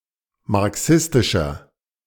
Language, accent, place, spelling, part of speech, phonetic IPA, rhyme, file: German, Germany, Berlin, marxistischer, adjective, [maʁˈksɪstɪʃɐ], -ɪstɪʃɐ, De-marxistischer.ogg
- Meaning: 1. comparative degree of marxistisch 2. inflection of marxistisch: strong/mixed nominative masculine singular 3. inflection of marxistisch: strong genitive/dative feminine singular